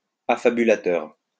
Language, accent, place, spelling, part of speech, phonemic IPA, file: French, France, Lyon, affabulateur, noun, /a.fa.by.la.tœʁ/, LL-Q150 (fra)-affabulateur.wav
- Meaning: inveterate storyteller